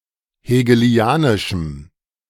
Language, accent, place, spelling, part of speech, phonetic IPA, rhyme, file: German, Germany, Berlin, hegelianischem, adjective, [heːɡəˈli̯aːnɪʃm̩], -aːnɪʃm̩, De-hegelianischem.ogg
- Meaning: strong dative masculine/neuter singular of hegelianisch